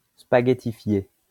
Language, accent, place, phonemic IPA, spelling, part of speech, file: French, France, Lyon, /spa.ɡe.ti.fje/, spaghettifié, verb / adjective, LL-Q150 (fra)-spaghettifié.wav
- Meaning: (verb) past participle of spaghettifier; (adjective) spaghettified